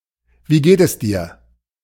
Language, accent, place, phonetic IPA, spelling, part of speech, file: German, Germany, Berlin, [ˌviː ˈɡeːt əs ˌdiːɐ̯], wie geht es dir, phrase, De-wie geht es dir.ogg
- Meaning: how are you, often abbreviated to wie geht's?